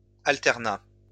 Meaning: 1. alternation 2. the imposition of circulation alternée
- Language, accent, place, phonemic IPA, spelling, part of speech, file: French, France, Lyon, /al.tɛʁ.na/, alternat, noun, LL-Q150 (fra)-alternat.wav